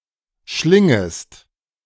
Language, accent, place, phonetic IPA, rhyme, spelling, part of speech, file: German, Germany, Berlin, [ˈʃlɪŋəst], -ɪŋəst, schlingest, verb, De-schlingest.ogg
- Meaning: second-person singular subjunctive I of schlingen